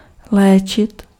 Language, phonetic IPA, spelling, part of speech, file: Czech, [ˈlɛːt͡ʃɪt], léčit, verb, Cs-léčit.ogg
- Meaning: 1. to heal 2. to treat (to apply medical care to)